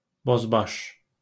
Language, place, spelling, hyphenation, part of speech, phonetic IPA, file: Azerbaijani, Baku, bozbaş, boz‧baş, noun / adjective, [bozˈbɑʃ], LL-Q9292 (aze)-bozbaş.wav
- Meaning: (noun) bozbash; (adjective) kitsch, tacky, lowbrow